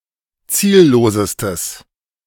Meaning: strong/mixed nominative/accusative neuter singular superlative degree of ziellos
- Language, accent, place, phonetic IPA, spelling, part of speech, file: German, Germany, Berlin, [ˈt͡siːlloːsəstəs], ziellosestes, adjective, De-ziellosestes.ogg